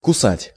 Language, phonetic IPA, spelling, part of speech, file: Russian, [kʊˈsatʲ], кусать, verb, Ru-кусать.ogg
- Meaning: 1. to bite 2. to sting